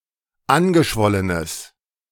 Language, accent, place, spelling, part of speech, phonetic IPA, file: German, Germany, Berlin, angeschwollenes, adjective, [ˈanɡəˌʃvɔlənəs], De-angeschwollenes.ogg
- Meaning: strong/mixed nominative/accusative neuter singular of angeschwollen